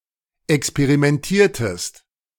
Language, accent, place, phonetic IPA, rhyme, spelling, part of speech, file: German, Germany, Berlin, [ɛkspeʁimɛnˈtiːɐ̯təst], -iːɐ̯təst, experimentiertest, verb, De-experimentiertest.ogg
- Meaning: inflection of experimentieren: 1. second-person singular preterite 2. second-person singular subjunctive II